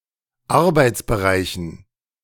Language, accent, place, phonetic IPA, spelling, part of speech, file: German, Germany, Berlin, [ˈaʁbaɪ̯t͡sbəˌʁaɪ̯çn̩], Arbeitsbereichen, noun, De-Arbeitsbereichen.ogg
- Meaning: dative plural of Arbeitsbereich